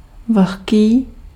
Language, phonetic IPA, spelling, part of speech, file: Czech, [ˈvl̩xkiː], vlhký, adjective, Cs-vlhký.ogg
- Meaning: 1. wet (of an object) 2. humid